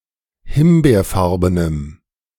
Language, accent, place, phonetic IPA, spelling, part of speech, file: German, Germany, Berlin, [ˈhɪmbeːɐ̯ˌfaʁbənəm], himbeerfarbenem, adjective, De-himbeerfarbenem.ogg
- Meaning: strong dative masculine/neuter singular of himbeerfarben